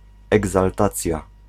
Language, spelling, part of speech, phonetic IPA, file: Polish, egzaltacja, noun, [ˌɛɡzalˈtat͡sʲja], Pl-egzaltacja.ogg